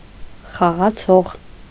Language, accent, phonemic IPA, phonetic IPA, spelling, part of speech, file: Armenian, Eastern Armenian, /χɑʁɑˈt͡sʰoʁ/, [χɑʁɑt͡sʰóʁ], խաղացող, verb / noun, Hy-խաղացող.ogg
- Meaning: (verb) subject participle of խաղալ (xaġal); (noun) player (one who plays any game or sport)